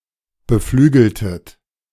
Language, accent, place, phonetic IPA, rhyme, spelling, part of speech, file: German, Germany, Berlin, [bəˈflyːɡl̩tət], -yːɡl̩tət, beflügeltet, verb, De-beflügeltet.ogg
- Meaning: inflection of beflügeln: 1. second-person plural preterite 2. second-person plural subjunctive II